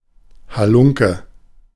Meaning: 1. scoundrel, thug 2. rascal, scalawag
- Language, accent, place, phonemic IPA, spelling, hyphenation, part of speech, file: German, Germany, Berlin, /haˈlʊŋ.kə/, Halunke, Ha‧lun‧ke, noun, De-Halunke.ogg